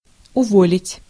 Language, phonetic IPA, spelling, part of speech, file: Russian, [ʊˈvolʲɪtʲ], уволить, verb, Ru-уволить.ogg
- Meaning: to discharge, to dismiss, to fire, to sack